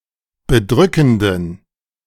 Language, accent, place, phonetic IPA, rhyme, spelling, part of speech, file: German, Germany, Berlin, [bəˈdʁʏkn̩dən], -ʏkn̩dən, bedrückenden, adjective, De-bedrückenden.ogg
- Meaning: inflection of bedrückend: 1. strong genitive masculine/neuter singular 2. weak/mixed genitive/dative all-gender singular 3. strong/weak/mixed accusative masculine singular 4. strong dative plural